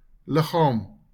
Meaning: body
- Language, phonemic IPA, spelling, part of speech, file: Afrikaans, /ˈləχɑːm/, liggaam, noun, LL-Q14196 (afr)-liggaam.wav